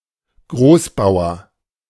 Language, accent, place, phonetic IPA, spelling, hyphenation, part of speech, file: German, Germany, Berlin, [ˈɡʁoːsˌbaʊ̯ɐ], Großbauer, Groß‧bau‧er, noun, De-Großbauer.ogg
- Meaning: big farmer